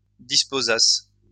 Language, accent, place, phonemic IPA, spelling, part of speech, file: French, France, Lyon, /dis.po.zas/, disposassent, verb, LL-Q150 (fra)-disposassent.wav
- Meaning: third-person plural imperfect subjunctive of disposer